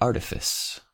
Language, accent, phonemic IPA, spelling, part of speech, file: English, US, /ˈɑː(ɹ)tɪfɪs/, artifice, noun / verb, En-us-artifice.ogg
- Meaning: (noun) 1. Crafty deception 2. A trick played out as an ingenious, but artful, ruse 3. A strategic maneuver that uses some clever means to avoid detection or capture